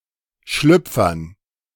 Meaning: dative plural of Schlüpfer
- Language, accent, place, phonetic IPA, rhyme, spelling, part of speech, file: German, Germany, Berlin, [ˈʃlʏp͡fɐn], -ʏp͡fɐn, Schlüpfern, noun, De-Schlüpfern.ogg